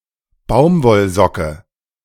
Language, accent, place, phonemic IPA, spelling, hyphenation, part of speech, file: German, Germany, Berlin, /ˈbaʊ̯mvɔlˌzɔkə/, Baumwollsocke, Baum‧woll‧so‧cke, noun, De-Baumwollsocke.ogg
- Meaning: cotton sock